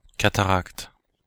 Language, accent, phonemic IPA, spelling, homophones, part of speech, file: French, Belgium, /ka.ta.ʁakt/, cataracte, cataractes, noun, Fr-BE-cataracte.oga
- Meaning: 1. cataract (waterfall) 2. cataract (eye disease)